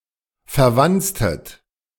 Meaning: inflection of verwanzen: 1. second-person plural preterite 2. second-person plural subjunctive II
- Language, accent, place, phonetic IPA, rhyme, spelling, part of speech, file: German, Germany, Berlin, [fɛɐ̯ˈvant͡stət], -ant͡stət, verwanztet, verb, De-verwanztet.ogg